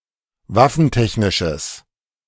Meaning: strong/mixed nominative/accusative neuter singular of waffentechnisch
- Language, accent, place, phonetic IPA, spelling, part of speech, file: German, Germany, Berlin, [ˈvafn̩ˌtɛçnɪʃəs], waffentechnisches, adjective, De-waffentechnisches.ogg